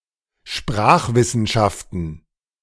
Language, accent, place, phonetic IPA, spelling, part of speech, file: German, Germany, Berlin, [ˈʃpʁaːxvɪsn̩ˌʃaftn̩], Sprachwissenschaften, noun, De-Sprachwissenschaften.ogg
- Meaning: plural of Sprachwissenschaft